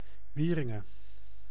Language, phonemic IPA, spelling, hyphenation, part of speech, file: Dutch, /ˈʋiː.rɪ.ŋə(n)/, Wieringen, Wie‧rin‧gen, proper noun, Nl-Wieringen.ogg
- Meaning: A region, former island and former municipality with city rights in North Holland, Netherlands